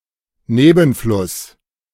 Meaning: tributary stream, tributary river, tributary
- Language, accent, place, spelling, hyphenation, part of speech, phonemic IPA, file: German, Germany, Berlin, Nebenfluss, Ne‧ben‧fluss, noun, /ˈneːbn̩flʊs/, De-Nebenfluss.ogg